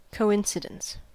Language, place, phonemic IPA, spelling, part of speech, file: English, California, /koʊˈɪnsɪdəns/, coincidence, noun, En-us-coincidence.ogg
- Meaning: 1. The property of being coincident, occurring at the same time or place 2. The appearance of a meaningful connection between events when there is none 3. A coincidence point